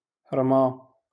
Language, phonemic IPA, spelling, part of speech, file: Moroccan Arabic, /rmaː/, رمى, verb, LL-Q56426 (ary)-رمى.wav
- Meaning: to throw, to toss